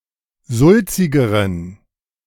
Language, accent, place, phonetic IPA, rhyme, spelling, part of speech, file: German, Germany, Berlin, [ˈzʊlt͡sɪɡəʁən], -ʊlt͡sɪɡəʁən, sulzigeren, adjective, De-sulzigeren.ogg
- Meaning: inflection of sulzig: 1. strong genitive masculine/neuter singular comparative degree 2. weak/mixed genitive/dative all-gender singular comparative degree